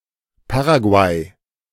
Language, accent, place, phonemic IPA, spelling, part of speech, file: German, Germany, Berlin, /ˈpa(ː)raˌɡu̯aɪ̯/, Paraguay, proper noun, De-Paraguay.ogg
- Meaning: Paraguay (a country in South America)